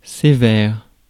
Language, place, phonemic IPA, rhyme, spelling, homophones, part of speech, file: French, Paris, /se.vɛːʁ/, -ɛʁ, sévère, sévères, adjective / adverb, Fr-sévère.ogg
- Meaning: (adjective) 1. severe, harsh 2. strict; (adverb) really, for real, genuinely, truly